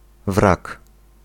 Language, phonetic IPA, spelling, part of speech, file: Polish, [vrak], wrak, noun, Pl-wrak.ogg